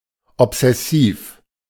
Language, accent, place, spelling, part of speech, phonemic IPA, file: German, Germany, Berlin, obsessiv, adjective, /ɔpsɛˈsiːf/, De-obsessiv.ogg
- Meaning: obsessive